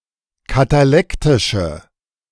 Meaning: inflection of katalektisch: 1. strong/mixed nominative/accusative feminine singular 2. strong nominative/accusative plural 3. weak nominative all-gender singular
- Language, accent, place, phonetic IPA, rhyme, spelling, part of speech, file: German, Germany, Berlin, [kataˈlɛktɪʃə], -ɛktɪʃə, katalektische, adjective, De-katalektische.ogg